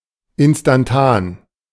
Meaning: instantaneous
- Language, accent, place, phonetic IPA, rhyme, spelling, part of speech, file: German, Germany, Berlin, [ˌɪnstanˈtaːn], -aːn, instantan, adjective, De-instantan.ogg